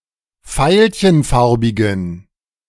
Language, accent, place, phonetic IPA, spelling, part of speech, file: German, Germany, Berlin, [ˈfaɪ̯lçənˌfaʁbɪɡn̩], veilchenfarbigen, adjective, De-veilchenfarbigen.ogg
- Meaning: inflection of veilchenfarbig: 1. strong genitive masculine/neuter singular 2. weak/mixed genitive/dative all-gender singular 3. strong/weak/mixed accusative masculine singular 4. strong dative plural